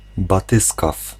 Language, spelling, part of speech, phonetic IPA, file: Polish, batyskaf, noun, [baˈtɨskaf], Pl-batyskaf.ogg